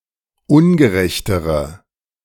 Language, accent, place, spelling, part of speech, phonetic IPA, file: German, Germany, Berlin, ungerechtere, adjective, [ˈʊnɡəˌʁɛçtəʁə], De-ungerechtere.ogg
- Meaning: inflection of ungerecht: 1. strong/mixed nominative/accusative feminine singular comparative degree 2. strong nominative/accusative plural comparative degree